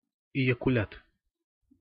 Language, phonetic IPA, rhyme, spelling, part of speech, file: Russian, [ɪ(j)ɪkʊˈlʲat], -at, эякулят, noun, Ru-эякулят.ogg
- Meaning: ejaculate